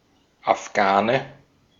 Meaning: 1. Afghan (person from Afghanistan or of Pashtun descent) 2. synonym of Afghanischer Windhund 3. synonym of Schwarzer Afghane (type of hashish)
- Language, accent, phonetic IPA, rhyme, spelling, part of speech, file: German, Austria, [afˈɡaːnə], -aːnə, Afghane, noun, De-at-Afghane.ogg